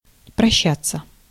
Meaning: 1. to say goodbye, to bid farewell 2. passive of проща́ть (proščátʹ)
- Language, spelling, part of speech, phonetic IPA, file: Russian, прощаться, verb, [prɐˈɕːat͡sːə], Ru-прощаться.ogg